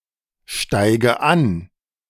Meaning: inflection of ansteigen: 1. first-person singular present 2. first/third-person singular subjunctive I 3. singular imperative
- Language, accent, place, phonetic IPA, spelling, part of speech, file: German, Germany, Berlin, [ˌʃtaɪ̯ɡə ˈan], steige an, verb, De-steige an.ogg